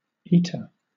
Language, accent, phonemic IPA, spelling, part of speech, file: English, Southern England, /ˈiː.tə/, eater, noun, LL-Q1860 (eng)-eater.wav
- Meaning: 1. A person or animal who eats 2. A fruit or other food that is suitable for eating, especially one that is intended to be eaten uncooked